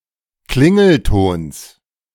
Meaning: genitive singular of Klingelton
- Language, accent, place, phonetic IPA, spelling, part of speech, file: German, Germany, Berlin, [ˈklɪŋl̩ˌtoːns], Klingeltons, noun, De-Klingeltons.ogg